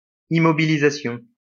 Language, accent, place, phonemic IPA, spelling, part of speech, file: French, France, Lyon, /i.mɔ.bi.li.za.sjɔ̃/, immobilisation, noun, LL-Q150 (fra)-immobilisation.wav
- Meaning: 1. immobilization 2. fixed asset